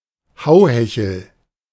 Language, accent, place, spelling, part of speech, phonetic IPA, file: German, Germany, Berlin, Hauhechel, noun, [ˈhaʊ̯hɛçəl], De-Hauhechel.ogg
- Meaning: restharrow, any plant of the genus Ononis